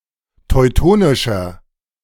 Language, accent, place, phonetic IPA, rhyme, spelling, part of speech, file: German, Germany, Berlin, [tɔɪ̯ˈtoːnɪʃɐ], -oːnɪʃɐ, teutonischer, adjective, De-teutonischer.ogg
- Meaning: 1. comparative degree of teutonisch 2. inflection of teutonisch: strong/mixed nominative masculine singular 3. inflection of teutonisch: strong genitive/dative feminine singular